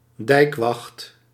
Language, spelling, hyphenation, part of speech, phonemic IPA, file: Dutch, dijkwacht, dijk‧wacht, noun, /ˈdɛi̯k.ʋɑxt/, Nl-dijkwacht.ogg
- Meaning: 1. the act of guarding a dike during a storm 2. a dike guard; someone who does the above